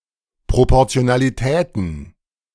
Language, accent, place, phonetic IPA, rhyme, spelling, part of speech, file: German, Germany, Berlin, [ˌpʁopɔʁt͡si̯onaliˈtɛːtn̩], -ɛːtn̩, Proportionalitäten, noun, De-Proportionalitäten.ogg
- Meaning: plural of Proportionalität